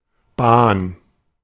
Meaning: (noun) 1. route, trail 2. railway/railroad or rail transport 3. short for Eisenbahn a vehicle in rail transport (especially a regional commuter train or tram, otherwise more often Zug or Tram)
- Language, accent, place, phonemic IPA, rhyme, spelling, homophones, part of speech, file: German, Germany, Berlin, /baːn/, -aːn, Bahn, Bahren, noun / proper noun, De-Bahn.ogg